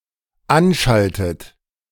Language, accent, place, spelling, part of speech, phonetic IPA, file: German, Germany, Berlin, anschaltet, verb, [ˈanˌʃaltət], De-anschaltet.ogg
- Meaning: inflection of anschalten: 1. third-person singular dependent present 2. second-person plural dependent present 3. second-person plural dependent subjunctive I